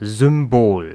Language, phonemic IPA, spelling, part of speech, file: German, /zʏmˈboːl/, Symbol, noun, De-Symbol.ogg
- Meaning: symbol, icon